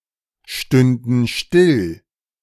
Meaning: first/third-person plural subjunctive II of stillstehen
- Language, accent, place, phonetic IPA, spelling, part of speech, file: German, Germany, Berlin, [ˌʃtʏndn̩ ˈʃtɪl], stünden still, verb, De-stünden still.ogg